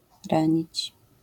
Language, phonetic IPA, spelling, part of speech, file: Polish, [ˈrãɲit͡ɕ], ranić, verb, LL-Q809 (pol)-ranić.wav